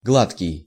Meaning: 1. smooth 2. well-fed
- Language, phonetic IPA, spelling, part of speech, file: Russian, [ˈɡɫatkʲɪj], гладкий, adjective, Ru-гладкий.ogg